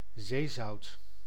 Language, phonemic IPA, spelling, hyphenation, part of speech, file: Dutch, /ˈzeː.zɑu̯t/, zeezout, zee‧zout, noun, Nl-zeezout.ogg
- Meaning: sea salt